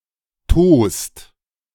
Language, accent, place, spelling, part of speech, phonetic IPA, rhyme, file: German, Germany, Berlin, tost, verb, [toːst], -oːst, De-tost.ogg
- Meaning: inflection of tosen: 1. second-person singular/plural present 2. third-person singular present 3. plural imperative